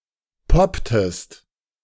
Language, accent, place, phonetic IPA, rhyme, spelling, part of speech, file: German, Germany, Berlin, [ˈpɔptəst], -ɔptəst, popptest, verb, De-popptest.ogg
- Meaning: inflection of poppen: 1. second-person singular preterite 2. second-person singular subjunctive II